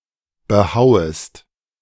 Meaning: second-person singular subjunctive I of behauen
- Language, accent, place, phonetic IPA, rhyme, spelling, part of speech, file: German, Germany, Berlin, [bəˈhaʊ̯əst], -aʊ̯əst, behauest, verb, De-behauest.ogg